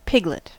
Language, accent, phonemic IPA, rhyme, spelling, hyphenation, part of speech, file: English, US, /ˈpɪɡ.lət/, -ɪɡlət, piglet, pig‧let, noun, En-us-piglet.ogg
- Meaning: A young swine, one not yet mature